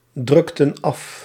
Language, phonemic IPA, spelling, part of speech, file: Dutch, /ˌdrʏktən ˈɑf/, drukten af, verb, Nl-drukten af.ogg
- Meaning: inflection of afdrukken: 1. plural past indicative 2. plural past subjunctive